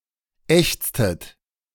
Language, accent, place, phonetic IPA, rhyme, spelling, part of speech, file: German, Germany, Berlin, [ˈɛçt͡stət], -ɛçt͡stət, ächztet, verb, De-ächztet.ogg
- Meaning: inflection of ächzen: 1. second-person plural preterite 2. second-person plural subjunctive II